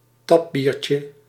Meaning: diminutive of tapbier
- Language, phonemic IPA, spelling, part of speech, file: Dutch, /ˈtɑbircə/, tapbiertje, noun, Nl-tapbiertje.ogg